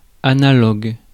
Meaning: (adjective) analogous; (noun) analog
- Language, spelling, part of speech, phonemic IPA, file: French, analogue, adjective / noun, /a.na.lɔɡ/, Fr-analogue.ogg